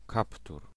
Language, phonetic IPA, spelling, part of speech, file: Polish, [ˈkaptur], kaptur, noun, Pl-kaptur.ogg